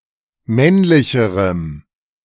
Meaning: strong dative masculine/neuter singular comparative degree of männlich
- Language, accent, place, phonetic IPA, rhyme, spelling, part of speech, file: German, Germany, Berlin, [ˈmɛnlɪçəʁəm], -ɛnlɪçəʁəm, männlicherem, adjective, De-männlicherem.ogg